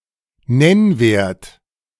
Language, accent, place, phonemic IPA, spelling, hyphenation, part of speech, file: German, Germany, Berlin, /ˈnɛnveːrt/, Nennwert, Nenn‧wert, noun, De-Nennwert.ogg
- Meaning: face value